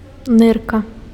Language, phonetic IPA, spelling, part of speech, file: Belarusian, [ˈnɨrka], нырка, noun, Be-нырка.ogg
- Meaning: kidney